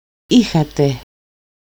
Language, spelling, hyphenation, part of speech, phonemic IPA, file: Greek, είχατε, εί‧χα‧τε, verb, /ˈi.xa.te/, El-είχατε.ogg
- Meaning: second-person plural imperfect of έχω (écho): "you had"